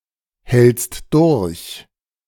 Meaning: second-person singular present of durchhalten
- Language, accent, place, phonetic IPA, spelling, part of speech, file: German, Germany, Berlin, [ˌhɛlt͡st ˈdʊʁç], hältst durch, verb, De-hältst durch.ogg